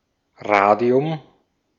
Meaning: radium
- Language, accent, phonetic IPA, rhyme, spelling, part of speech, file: German, Austria, [ˈʁaːdi̯ʊm], -aːdi̯ʊm, Radium, noun, De-at-Radium.ogg